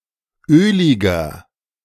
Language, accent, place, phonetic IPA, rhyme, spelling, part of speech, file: German, Germany, Berlin, [ˈøːlɪɡɐ], -øːlɪɡɐ, öliger, adjective, De-öliger.ogg
- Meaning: inflection of ölig: 1. strong/mixed nominative masculine singular 2. strong genitive/dative feminine singular 3. strong genitive plural